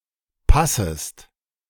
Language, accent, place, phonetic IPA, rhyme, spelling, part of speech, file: German, Germany, Berlin, [ˈpasəst], -asəst, passest, verb, De-passest.ogg
- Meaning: second-person singular subjunctive I of passen